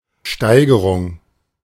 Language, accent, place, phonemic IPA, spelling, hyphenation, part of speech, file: German, Germany, Berlin, /ˈʃtaɪ̯ɡəʁʊŋ/, Steigerung, Stei‧ge‧rung, noun, De-Steigerung.ogg
- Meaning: 1. increase 2. comparison